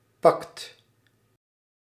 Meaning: inflection of pakken: 1. second/third-person singular present indicative 2. plural imperative
- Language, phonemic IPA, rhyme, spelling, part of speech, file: Dutch, /pɑkt/, -ɑkt, pakt, verb, Nl-pakt.ogg